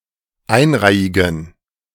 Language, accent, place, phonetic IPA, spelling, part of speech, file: German, Germany, Berlin, [ˈaɪ̯nˌʁaɪ̯ɪɡn̩], einreihigen, adjective, De-einreihigen.ogg
- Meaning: inflection of einreihig: 1. strong genitive masculine/neuter singular 2. weak/mixed genitive/dative all-gender singular 3. strong/weak/mixed accusative masculine singular 4. strong dative plural